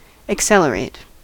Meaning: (verb) 1. To cause to move faster; to quicken the motion of; to add to the speed of 2. To quicken the natural or ordinary progression or process of 3. To cause a change of velocity
- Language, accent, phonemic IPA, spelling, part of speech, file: English, US, /ɪkˈsɛl.əˌɹeɪt/, accelerate, verb / adjective, En-us-accelerate.ogg